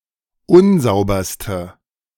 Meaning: inflection of unsauber: 1. strong/mixed nominative/accusative feminine singular superlative degree 2. strong nominative/accusative plural superlative degree
- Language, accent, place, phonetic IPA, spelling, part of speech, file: German, Germany, Berlin, [ˈʊnˌzaʊ̯bɐstə], unsauberste, adjective, De-unsauberste.ogg